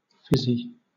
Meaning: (adjective) 1. Containing bubbles 2. Lively, vivacious 3. Makes a hissing sound; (noun) A non-alcoholic carbonated beverage
- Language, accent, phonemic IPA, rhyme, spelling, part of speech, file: English, Southern England, /ˈfɪzi/, -ɪzi, fizzy, adjective / noun, LL-Q1860 (eng)-fizzy.wav